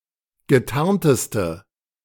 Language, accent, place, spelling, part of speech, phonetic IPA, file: German, Germany, Berlin, getarnteste, adjective, [ɡəˈtaʁntəstə], De-getarnteste.ogg
- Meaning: inflection of getarnt: 1. strong/mixed nominative/accusative feminine singular superlative degree 2. strong nominative/accusative plural superlative degree